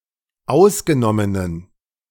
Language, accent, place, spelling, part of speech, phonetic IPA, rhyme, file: German, Germany, Berlin, ausgenommenen, adjective, [ˈaʊ̯sɡəˌnɔmənən], -aʊ̯sɡənɔmənən, De-ausgenommenen.ogg
- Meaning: inflection of ausgenommen: 1. strong genitive masculine/neuter singular 2. weak/mixed genitive/dative all-gender singular 3. strong/weak/mixed accusative masculine singular 4. strong dative plural